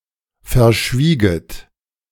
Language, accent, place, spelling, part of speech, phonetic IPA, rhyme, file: German, Germany, Berlin, verschwieget, verb, [fɛɐ̯ˈʃviːɡət], -iːɡət, De-verschwieget.ogg
- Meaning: second-person plural subjunctive II of verschweigen